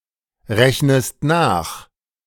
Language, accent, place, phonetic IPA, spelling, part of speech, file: German, Germany, Berlin, [ˌʁɛçnəst ˈnaːx], rechnest nach, verb, De-rechnest nach.ogg
- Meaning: inflection of nachrechnen: 1. second-person singular present 2. second-person singular subjunctive I